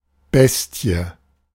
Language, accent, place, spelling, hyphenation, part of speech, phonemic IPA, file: German, Germany, Berlin, Bestie, Bes‧tie, noun, /ˈbɛsti̯ə/, De-Bestie.ogg
- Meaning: 1. a wild and very dangerous animal, a beast, monster 2. a very cruel person, a monster, fiend (usually a killer, torturer, or rapist)